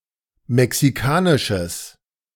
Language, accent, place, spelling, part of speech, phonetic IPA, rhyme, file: German, Germany, Berlin, mexikanisches, adjective, [mɛksiˈkaːnɪʃəs], -aːnɪʃəs, De-mexikanisches.ogg
- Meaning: strong/mixed nominative/accusative neuter singular of mexikanisch